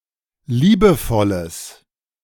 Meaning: strong/mixed nominative/accusative neuter singular of liebevoll
- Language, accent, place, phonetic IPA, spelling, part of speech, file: German, Germany, Berlin, [ˈliːbəˌfɔləs], liebevolles, adjective, De-liebevolles.ogg